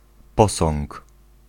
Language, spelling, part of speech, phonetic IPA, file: Polish, posąg, noun, [ˈpɔsɔ̃ŋk], Pl-posąg.ogg